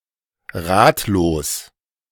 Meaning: 1. clueless 2. at a loss
- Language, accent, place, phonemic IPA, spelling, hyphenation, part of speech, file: German, Germany, Berlin, /ˈʁaːtloːs/, ratlos, rat‧los, adjective, De-ratlos.ogg